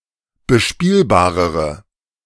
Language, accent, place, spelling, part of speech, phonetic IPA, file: German, Germany, Berlin, bespielbarere, adjective, [bəˈʃpiːlbaːʁəʁə], De-bespielbarere.ogg
- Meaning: inflection of bespielbar: 1. strong/mixed nominative/accusative feminine singular comparative degree 2. strong nominative/accusative plural comparative degree